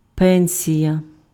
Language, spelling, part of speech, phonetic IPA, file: Ukrainian, пенсія, noun, [ˈpɛnʲsʲijɐ], Uk-пенсія.ogg
- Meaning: pension